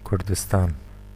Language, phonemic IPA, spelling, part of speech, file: Central Kurdish, /kʊɾdəstaːn/, کوردستان, proper noun, Ku-Kurdistan.oga
- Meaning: Kurdistan (a cultural region in West Asia inhabited mostly by the Kurds, encompassing parts of Turkey, Iraq, Iran and Syria)